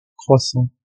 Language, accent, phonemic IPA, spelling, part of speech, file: French, France, /kʁwa.sɑ̃/, croissant, noun / adjective / verb, Fr-croissant2.ogg
- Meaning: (noun) 1. crescent 2. croissant 3. crescent moon; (adjective) increasing, augmenting; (verb) 1. present participle of croître 2. present participle of croitre